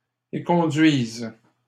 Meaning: first/third-person singular present subjunctive of éconduire
- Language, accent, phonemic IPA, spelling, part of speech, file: French, Canada, /e.kɔ̃.dɥiz/, éconduise, verb, LL-Q150 (fra)-éconduise.wav